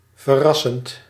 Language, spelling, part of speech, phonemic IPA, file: Dutch, verrassend, verb / adjective, /vəˈrɑsənt/, Nl-verrassend.ogg
- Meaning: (adjective) surprising; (adverb) surprisingly; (verb) present participle of verrassen